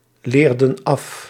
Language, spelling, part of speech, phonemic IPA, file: Dutch, leerden af, verb, /ˈlerdə(n) ˈɑf/, Nl-leerden af.ogg
- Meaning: inflection of afleren: 1. plural past indicative 2. plural past subjunctive